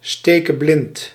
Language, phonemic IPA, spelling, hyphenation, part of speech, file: Dutch, /ˌsteː.kəˈblɪnt/, stekeblind, ste‧ke‧blind, adjective, Nl-stekeblind.ogg
- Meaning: blind as a bat, blind as a mole